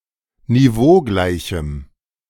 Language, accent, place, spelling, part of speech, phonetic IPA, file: German, Germany, Berlin, niveaugleichem, adjective, [niˈvoːˌɡlaɪ̯çm̩], De-niveaugleichem.ogg
- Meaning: strong dative masculine/neuter singular of niveaugleich